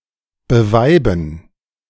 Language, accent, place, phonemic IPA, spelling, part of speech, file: German, Germany, Berlin, /bəˈvaɪ̯bn̩/, beweiben, verb, De-beweiben.ogg
- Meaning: to marry